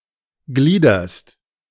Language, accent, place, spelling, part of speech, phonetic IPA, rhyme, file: German, Germany, Berlin, gliederst, verb, [ˈɡliːdɐst], -iːdɐst, De-gliederst.ogg
- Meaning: second-person singular present of gliedern